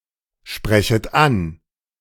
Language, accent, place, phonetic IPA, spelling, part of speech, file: German, Germany, Berlin, [ˌʃpʁɛçət ˈan], sprechet an, verb, De-sprechet an.ogg
- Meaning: second-person plural subjunctive I of ansprechen